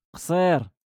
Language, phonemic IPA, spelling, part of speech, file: Moroccan Arabic, /qsˤiːr/, قصير, adjective, LL-Q56426 (ary)-قصير.wav
- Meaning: short